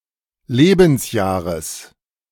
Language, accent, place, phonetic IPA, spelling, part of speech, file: German, Germany, Berlin, [ˈleːbn̩sˌjaːʁəs], Lebensjahres, noun, De-Lebensjahres.ogg
- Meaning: genitive singular of Lebensjahr